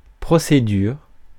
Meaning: procedure
- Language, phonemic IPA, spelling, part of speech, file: French, /pʁɔ.se.dyʁ/, procédure, noun, Fr-procédure.ogg